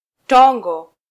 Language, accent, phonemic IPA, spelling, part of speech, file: Swahili, Kenya, /ˈtɔ.ᵑɡɔ/, tongo, noun, Sw-ke-tongo.flac
- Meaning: 1. flock of birds 2. a mannequin or decoy in the shape of a bird 3. discharge from eye